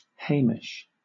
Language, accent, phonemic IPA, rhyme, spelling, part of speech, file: English, Southern England, /ˈheɪmɪʃ/, -eɪmɪʃ, Hamish, proper noun, LL-Q1860 (eng)-Hamish.wav
- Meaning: A male given name from Scottish Gaelic, of mostly Scottish usage